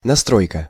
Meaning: adjustment, setting, setup, retrofitting, tuning, preference
- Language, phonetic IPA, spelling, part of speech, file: Russian, [nɐˈstrojkə], настройка, noun, Ru-настройка.ogg